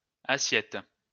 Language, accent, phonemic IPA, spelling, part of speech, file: French, France, /a.sjɛt/, assiettes, noun, LL-Q150 (fra)-assiettes.wav
- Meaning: plural of assiette